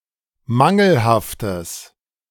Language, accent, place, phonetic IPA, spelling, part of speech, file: German, Germany, Berlin, [ˈmaŋl̩haftəs], mangelhaftes, adjective, De-mangelhaftes.ogg
- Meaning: strong/mixed nominative/accusative neuter singular of mangelhaft